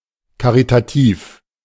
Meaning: caritative
- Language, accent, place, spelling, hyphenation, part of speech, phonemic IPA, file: German, Germany, Berlin, karitativ, ka‧ri‧ta‧tiv, adjective, /kaʁitaˈtiːf/, De-karitativ.ogg